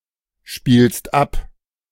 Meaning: second-person singular present of abspielen
- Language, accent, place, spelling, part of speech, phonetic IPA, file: German, Germany, Berlin, spielst ab, verb, [ˌʃpiːlst ˈap], De-spielst ab.ogg